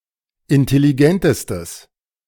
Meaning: strong/mixed nominative/accusative neuter singular superlative degree of intelligent
- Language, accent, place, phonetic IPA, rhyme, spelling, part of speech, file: German, Germany, Berlin, [ɪntɛliˈɡɛntəstəs], -ɛntəstəs, intelligentestes, adjective, De-intelligentestes.ogg